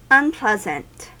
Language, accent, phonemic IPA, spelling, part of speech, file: English, US, /ʌnˈplɛzn̩t/, unpleasant, adjective, En-us-unpleasant.ogg
- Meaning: Not pleasant